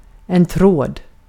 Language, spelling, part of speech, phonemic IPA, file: Swedish, tråd, noun, /ˈtroːd/, Sv-tråd.ogg
- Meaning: 1. wire 2. thread (long, thin and flexible form of material) 3. thread, a continued theme or idea